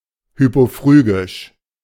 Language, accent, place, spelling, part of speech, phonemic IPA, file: German, Germany, Berlin, hypophrygisch, adjective, /ˌhypoˈfʁyːɡɪʃ/, De-hypophrygisch.ogg
- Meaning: hypophrygian